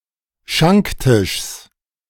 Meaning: genitive singular of Schanktisch
- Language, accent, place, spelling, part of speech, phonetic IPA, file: German, Germany, Berlin, Schanktischs, noun, [ˈʃaŋkˌtɪʃs], De-Schanktischs.ogg